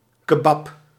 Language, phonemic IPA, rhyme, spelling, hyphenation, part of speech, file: Dutch, /kəˈbɑp/, -ɑp, kebab, ke‧bab, noun, Nl-kebab.ogg
- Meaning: kebab (seasoned meat grilled on a spit), esp. doner kebab